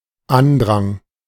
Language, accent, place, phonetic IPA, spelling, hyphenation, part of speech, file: German, Germany, Berlin, [ˈandʁaŋ], Andrang, An‧drang, noun, De-Andrang.ogg
- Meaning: rush